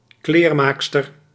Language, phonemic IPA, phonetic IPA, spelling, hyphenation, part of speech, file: Dutch, /ˈkleːrˌmaːk.stər/, [ˈklɪːrˌma(ː)k.stər], kleermaakster, kleer‧maak‧ster, noun, Nl-kleermaakster.ogg
- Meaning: female tailor (woman who makes, repairs, or refashions clothing, often professionally)